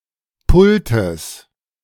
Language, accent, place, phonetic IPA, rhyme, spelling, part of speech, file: German, Germany, Berlin, [ˈpʊltəs], -ʊltəs, Pultes, noun, De-Pultes.ogg
- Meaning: genitive of Pult